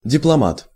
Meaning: 1. diplomat (person who is accredited to represent a government) 2. briefcase
- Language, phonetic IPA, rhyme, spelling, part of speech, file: Russian, [dʲɪpɫɐˈmat], -at, дипломат, noun, Ru-дипломат.ogg